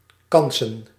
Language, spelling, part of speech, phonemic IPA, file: Dutch, kansen, noun, /ˈkɑnsə(n)/, Nl-kansen.ogg
- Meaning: plural of kans